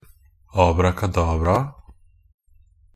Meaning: definite plural of abrakadabra
- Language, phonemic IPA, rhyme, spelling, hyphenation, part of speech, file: Norwegian Bokmål, /ɑːbrakaˈdɑːbrɑːa/, -ɑːa, abrakadabraa, ab‧ra‧ka‧dab‧ra‧a, noun, NB - Pronunciation of Norwegian Bokmål «abrakadabraa».ogg